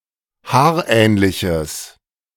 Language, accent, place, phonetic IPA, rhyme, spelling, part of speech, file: German, Germany, Berlin, [ˈhaːɐ̯ˌʔɛːnlɪçəs], -aːɐ̯ʔɛːnlɪçəs, haarähnliches, adjective, De-haarähnliches.ogg
- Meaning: strong/mixed nominative/accusative neuter singular of haarähnlich